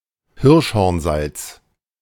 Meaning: hartshorn salt, baker's ammonia
- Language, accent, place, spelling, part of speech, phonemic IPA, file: German, Germany, Berlin, Hirschhornsalz, noun, /ˈhɪʁʃhɔʁnˌzalt͡s/, De-Hirschhornsalz.ogg